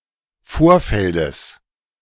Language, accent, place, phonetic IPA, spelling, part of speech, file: German, Germany, Berlin, [ˈfoːɐ̯ˌfɛldəs], Vorfeldes, noun, De-Vorfeldes.ogg
- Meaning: genitive singular of Vorfeld